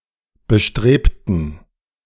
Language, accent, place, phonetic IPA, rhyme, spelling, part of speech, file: German, Germany, Berlin, [bəˈʃtʁeːptn̩], -eːptn̩, bestrebten, adjective / verb, De-bestrebten.ogg
- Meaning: inflection of bestreben: 1. first/third-person plural preterite 2. first/third-person plural subjunctive II